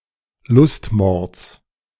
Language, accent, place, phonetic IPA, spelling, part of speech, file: German, Germany, Berlin, [ˈlʊstˌmɔʁt͡s], Lustmords, noun, De-Lustmords.ogg
- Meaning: genitive singular of Lustmord